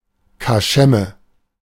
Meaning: dive; run-down pub
- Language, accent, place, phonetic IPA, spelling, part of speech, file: German, Germany, Berlin, [kaˈʃɛmə], Kaschemme, noun, De-Kaschemme.ogg